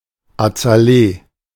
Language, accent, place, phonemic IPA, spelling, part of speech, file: German, Germany, Berlin, /at͡saˈleːə/, Azalee, noun, De-Azalee.ogg
- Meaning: azalea